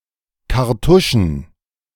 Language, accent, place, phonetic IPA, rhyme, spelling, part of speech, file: German, Germany, Berlin, [kaʁˈtʊʃn̩], -ʊʃn̩, Kartuschen, noun, De-Kartuschen.ogg
- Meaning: plural of Kartusche